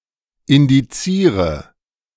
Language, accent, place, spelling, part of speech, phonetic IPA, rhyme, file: German, Germany, Berlin, indiziere, verb, [ɪndiˈt͡siːʁə], -iːʁə, De-indiziere.ogg
- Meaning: inflection of indizieren: 1. first-person singular present 2. first/third-person singular subjunctive I 3. singular imperative